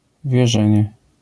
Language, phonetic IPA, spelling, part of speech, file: Polish, [vʲjɛˈʒɛ̃ɲɛ], wierzenie, noun, LL-Q809 (pol)-wierzenie.wav